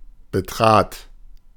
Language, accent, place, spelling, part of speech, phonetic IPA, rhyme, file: German, Germany, Berlin, betrat, verb, [bəˈtʁaːt], -aːt, De-betrat.ogg
- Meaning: first/third-person singular preterite of betreten